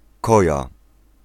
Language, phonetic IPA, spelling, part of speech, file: Polish, [ˈkɔja], koja, noun, Pl-koja.ogg